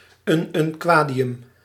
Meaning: ununquadium
- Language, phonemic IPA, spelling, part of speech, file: Dutch, /ˌynʏnˈkwadiˌjʏm/, ununquadium, noun, Nl-ununquadium.ogg